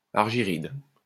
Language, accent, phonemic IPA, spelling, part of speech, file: French, France, /aʁ.ʒi.ʁid/, argyride, noun, LL-Q150 (fra)-argyride.wav
- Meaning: any mineral containing silver